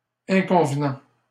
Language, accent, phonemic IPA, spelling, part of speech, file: French, Canada, /ɛ̃.kɔ̃v.nɑ̃/, inconvenant, adjective, LL-Q150 (fra)-inconvenant.wav
- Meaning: improper, unseemly, indecent